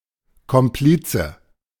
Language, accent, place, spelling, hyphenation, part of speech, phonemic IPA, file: German, Germany, Berlin, Komplize, Kom‧pli‧ze, noun, /kɔmˈpliːt͡sə/, De-Komplize.ogg
- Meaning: accomplice